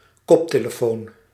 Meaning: headphone
- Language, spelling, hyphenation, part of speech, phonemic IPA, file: Dutch, koptelefoon, kop‧te‧le‧foon, noun, /ˈkɔp.teː.ləˌfoːn/, Nl-koptelefoon.ogg